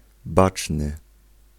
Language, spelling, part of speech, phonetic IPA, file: Polish, baczny, adjective, [ˈbat͡ʃnɨ], Pl-baczny.ogg